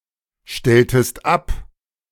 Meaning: inflection of abstellen: 1. second-person singular preterite 2. second-person singular subjunctive II
- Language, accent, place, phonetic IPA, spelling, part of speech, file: German, Germany, Berlin, [ˌʃtɛltəst ˈap], stelltest ab, verb, De-stelltest ab.ogg